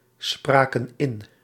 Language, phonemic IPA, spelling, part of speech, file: Dutch, /ˈsprakə(n) ˈɪn/, spraken in, verb, Nl-spraken in.ogg
- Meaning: inflection of inspreken: 1. plural past indicative 2. plural past subjunctive